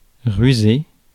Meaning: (verb) past participle of ruser; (adjective) cunning, wily, crafty; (noun) shrewd person
- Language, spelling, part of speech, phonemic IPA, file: French, rusé, verb / adjective / noun, /ʁy.ze/, Fr-rusé.ogg